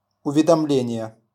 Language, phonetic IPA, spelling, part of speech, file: Russian, [ʊvʲɪdɐˈmlʲenʲɪje], уведомление, noun, RU-уведомление.wav
- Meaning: 1. notice, notification 2. return receipt for a certified correspondence